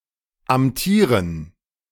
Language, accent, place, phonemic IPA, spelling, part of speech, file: German, Germany, Berlin, /amˈtiːʁən/, amtieren, verb, De-amtieren.ogg
- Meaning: to hold office, to officiate